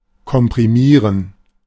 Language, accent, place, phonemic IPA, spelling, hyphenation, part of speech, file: German, Germany, Berlin, /kɔmpʁiˈmiːʁən/, komprimieren, kom‧pri‧mie‧ren, verb, De-komprimieren.ogg
- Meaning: to compress